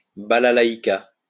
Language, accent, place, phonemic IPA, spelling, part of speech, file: French, France, Lyon, /ba.la.la.i.ka/, balalaïka, noun, LL-Q150 (fra)-balalaïka.wav
- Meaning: balalaika (Russian instrument)